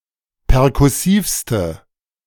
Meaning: inflection of perkussiv: 1. strong/mixed nominative/accusative feminine singular superlative degree 2. strong nominative/accusative plural superlative degree
- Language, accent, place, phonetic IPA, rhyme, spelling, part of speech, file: German, Germany, Berlin, [pɛʁkʊˈsiːfstə], -iːfstə, perkussivste, adjective, De-perkussivste.ogg